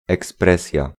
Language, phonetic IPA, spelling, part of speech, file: Polish, [ɛksˈprɛsʲja], ekspresja, noun, Pl-ekspresja.ogg